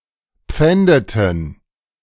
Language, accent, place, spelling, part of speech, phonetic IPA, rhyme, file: German, Germany, Berlin, pfändeten, verb, [ˈp͡fɛndətn̩], -ɛndətn̩, De-pfändeten.ogg
- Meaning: inflection of pfänden: 1. first/third-person plural preterite 2. first/third-person plural subjunctive II